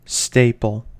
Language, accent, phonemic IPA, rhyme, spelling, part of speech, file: English, US, /ˈsteɪ.pəl/, -eɪpəl, staple, noun / verb / adjective, En-us-staple.ogg
- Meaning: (noun) A town containing merchants who have exclusive right, under royal authority, to purchase or produce certain goods for export; also, the body of such merchants seen as a group